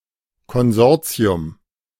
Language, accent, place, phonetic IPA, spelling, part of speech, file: German, Germany, Berlin, [kɔnˈzɔʁt͡si̯ʊm], Konsortium, noun, De-Konsortium.ogg
- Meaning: consortium